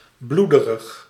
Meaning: bloody (physical sense only), sanguinary (frequently connoting gore and gruesomeness)
- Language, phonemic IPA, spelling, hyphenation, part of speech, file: Dutch, /ˈblu.də.rəx/, bloederig, bloe‧de‧rig, adjective, Nl-bloederig.ogg